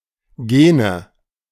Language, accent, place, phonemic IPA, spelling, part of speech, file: German, Germany, Berlin, /ˈɡeːnə/, Gene, noun, De-Gene.ogg
- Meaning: nominative/accusative/genitive plural of Gen